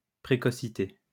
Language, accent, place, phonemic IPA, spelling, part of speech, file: French, France, Lyon, /pʁe.kɔ.si.te/, précocité, noun, LL-Q150 (fra)-précocité.wav
- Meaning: the state of being ahead of time, earliness